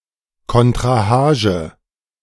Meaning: challenge (summons to fight a duell)
- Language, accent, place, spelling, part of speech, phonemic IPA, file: German, Germany, Berlin, Kontrahage, noun, /kɔntʁaˈhaːʒə/, De-Kontrahage.ogg